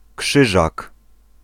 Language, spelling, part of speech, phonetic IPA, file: Polish, Krzyżak, proper noun, [ˈkʃɨʒak], Pl-Krzyżak.ogg